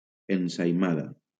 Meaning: ensaimada (Mallorcan pastry)
- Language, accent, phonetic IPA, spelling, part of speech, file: Catalan, Valencia, [en.sa.iˈma.ða], ensaïmada, noun, LL-Q7026 (cat)-ensaïmada.wav